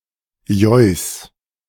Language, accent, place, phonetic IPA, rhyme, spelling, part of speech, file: German, Germany, Berlin, [jɔɪ̯s], -ɔɪ̯s, Jois, proper noun, De-Jois.ogg
- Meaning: a municipality of Burgenland, Austria